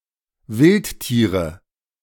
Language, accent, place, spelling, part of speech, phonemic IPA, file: German, Germany, Berlin, Wildtiere, noun, /ˈvɪlttiːʁə/, De-Wildtiere.ogg
- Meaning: 1. nominative plural of Wildtier 2. genitive plural of Wildtier 3. accusative plural of Wildtier